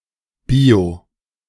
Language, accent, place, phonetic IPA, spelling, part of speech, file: German, Germany, Berlin, [ˈbio], bio-, prefix, De-bio-.ogg
- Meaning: 1. bio- (pertaining to life) 2. organically produced, or otherwise environmentally friendly